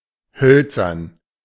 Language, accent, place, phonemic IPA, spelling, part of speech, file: German, Germany, Berlin, /ˈhœlt͡sɐn/, hölzern, adjective, De-hölzern.ogg
- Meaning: 1. wooden, ligneous 2. awkward